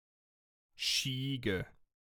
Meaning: a shoat, a geep: a sheep-goat hybrid
- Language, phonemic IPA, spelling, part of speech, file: German, /ˈʃiːɡə/, Schiege, noun, De-Schiege.ogg